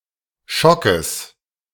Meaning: genitive singular of Schock
- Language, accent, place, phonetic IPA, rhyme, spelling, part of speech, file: German, Germany, Berlin, [ˈʃɔkəs], -ɔkəs, Schockes, noun, De-Schockes.ogg